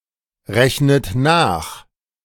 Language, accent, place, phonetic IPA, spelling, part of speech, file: German, Germany, Berlin, [ˌʁɛçnət ˈnaːx], rechnet nach, verb, De-rechnet nach.ogg
- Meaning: inflection of nachrechnen: 1. third-person singular present 2. second-person plural present 3. second-person plural subjunctive I 4. plural imperative